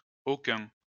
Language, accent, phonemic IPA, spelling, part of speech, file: French, France, /o.kœ̃/, aucuns, determiner, LL-Q150 (fra)-aucuns.wav
- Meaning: masculine plural of aucun